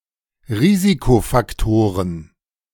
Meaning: plural of Risikofaktor
- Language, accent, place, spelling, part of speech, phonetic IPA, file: German, Germany, Berlin, Risikofaktoren, noun, [ˈʁiːzikofakˌtoːʁən], De-Risikofaktoren.ogg